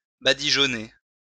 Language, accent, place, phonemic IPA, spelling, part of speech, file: French, France, Lyon, /ba.di.ʒɔ.ne/, badigeonner, verb, LL-Q150 (fra)-badigeonner.wav
- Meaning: 1. to smear, slather 2. to whitewash